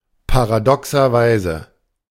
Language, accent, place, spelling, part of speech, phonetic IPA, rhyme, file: German, Germany, Berlin, paradoxerweise, adverb, [paʁaˌdɔksɐˈvaɪ̯zə], -aɪ̯zə, De-paradoxerweise.ogg
- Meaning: paradoxically